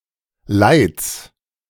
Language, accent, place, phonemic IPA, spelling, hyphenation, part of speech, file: German, Germany, Berlin, /laɪ̯ts/, Leids, Leids, noun, De-Leids.ogg
- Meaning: genitive singular of Leid